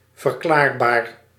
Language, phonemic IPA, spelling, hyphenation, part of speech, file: Dutch, /vərˈklaːrˌbaːr/, verklaarbaar, ver‧klaar‧baar, adjective, Nl-verklaarbaar.ogg
- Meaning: explicable, explainable